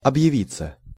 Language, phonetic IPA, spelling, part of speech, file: Russian, [ɐbjɪˈvʲit͡sːə], объявиться, verb, Ru-объявиться.ogg
- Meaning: 1. to turn up, to show up, to appear 2. passive of объяви́ть (obʺjavítʹ)